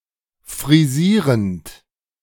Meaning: present participle of frisieren
- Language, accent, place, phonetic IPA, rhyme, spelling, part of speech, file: German, Germany, Berlin, [fʁiˈziːʁənt], -iːʁənt, frisierend, verb, De-frisierend.ogg